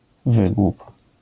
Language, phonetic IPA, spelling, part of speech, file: Polish, [ˈvɨɡwup], wygłup, noun, LL-Q809 (pol)-wygłup.wav